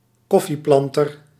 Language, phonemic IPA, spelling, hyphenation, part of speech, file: Dutch, /ˈkɔ.fiˌplɑn.tər/, koffieplanter, kof‧fie‧plan‧ter, noun, Nl-koffieplanter.ogg
- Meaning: coffee planter, the owner or operator of a coffee plantation